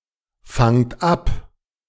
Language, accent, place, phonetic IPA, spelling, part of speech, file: German, Germany, Berlin, [ˌfaŋt ˈap], fangt ab, verb, De-fangt ab.ogg
- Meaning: inflection of abfangen: 1. second-person plural present 2. plural imperative